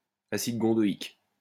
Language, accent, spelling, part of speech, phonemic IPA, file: French, France, acide gondoïque, noun, /a.sid ɡɔ̃.dɔ.ik/, LL-Q150 (fra)-acide gondoïque.wav
- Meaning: gondoic acid